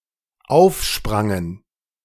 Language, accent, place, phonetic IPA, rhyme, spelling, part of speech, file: German, Germany, Berlin, [ˈaʊ̯fˌʃpʁaŋən], -aʊ̯fʃpʁaŋən, aufsprangen, verb, De-aufsprangen.ogg
- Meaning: first/third-person plural dependent preterite of aufspringen